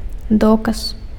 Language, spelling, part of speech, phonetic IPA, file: Belarusian, доказ, noun, [ˈdokas], Be-доказ.ogg
- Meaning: proof, evidence